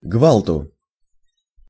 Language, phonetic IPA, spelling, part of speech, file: Russian, [ˈɡvaɫtʊ], гвалту, noun, Ru-гвалту.ogg
- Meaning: dative singular of гвалт (gvalt)